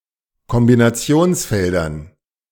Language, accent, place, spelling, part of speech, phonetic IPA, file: German, Germany, Berlin, Kombinationsfeldern, noun, [kɔmbinaˈt͡si̯oːnsˌfɛldɐn], De-Kombinationsfeldern.ogg
- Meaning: dative plural of Kombinationsfeld